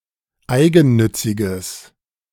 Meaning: strong/mixed nominative/accusative neuter singular of eigennützig
- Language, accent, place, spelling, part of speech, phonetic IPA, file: German, Germany, Berlin, eigennütziges, adjective, [ˈaɪ̯ɡn̩ˌnʏt͡sɪɡəs], De-eigennütziges.ogg